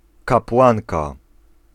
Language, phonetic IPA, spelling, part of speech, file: Polish, [kapˈwãnka], kapłanka, noun, Pl-kapłanka.ogg